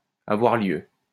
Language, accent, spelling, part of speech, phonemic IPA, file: French, France, avoir lieu, verb, /a.vwaʁ ljø/, LL-Q150 (fra)-avoir lieu.wav
- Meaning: to take place, happen